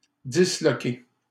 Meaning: 1. to dislocate 2. to break up, split up, smash up
- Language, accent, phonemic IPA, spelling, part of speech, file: French, Canada, /di.slɔ.ke/, disloquer, verb, LL-Q150 (fra)-disloquer.wav